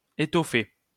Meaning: 1. to stuff (a pillow, food) 2. to upholster 3. to fill out 4. to pad out; to flesh out (give something more substance) 5. to fill out (to get plumper)
- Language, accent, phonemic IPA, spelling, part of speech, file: French, France, /e.tɔ.fe/, étoffer, verb, LL-Q150 (fra)-étoffer.wav